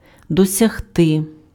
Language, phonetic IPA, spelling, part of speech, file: Ukrainian, [dɔsʲɐɦˈtɪ], досягти, verb, Uk-досягти.ogg
- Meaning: to achieve, to attain, to reach